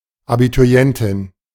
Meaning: female Abiturient (roughly, high-school graduate)
- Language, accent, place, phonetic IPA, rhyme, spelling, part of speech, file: German, Germany, Berlin, [abituˈʁi̯ɛntɪn], -ɛntɪn, Abiturientin, noun, De-Abiturientin.ogg